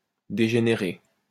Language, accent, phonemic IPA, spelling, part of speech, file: French, France, /de.ʒe.ne.ʁe/, dégénéré, verb / adjective / noun, LL-Q150 (fra)-dégénéré.wav
- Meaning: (verb) past participle of dégénérer; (adjective) degenerate (all senses); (noun) a degenerate